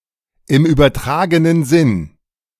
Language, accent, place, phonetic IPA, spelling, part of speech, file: German, Germany, Berlin, [ɪm yːbɐˈtʁaːɡənən zɪn], im übertragenen Sinn, phrase, De-im übertragenen Sinn.ogg
- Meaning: alternative form of im übertragenen Sinne